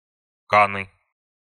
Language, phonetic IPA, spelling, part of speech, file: Russian, [ˈkanɨ], каны, noun, Ru-каны.ogg
- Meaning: genitive singular of ка́на (kána)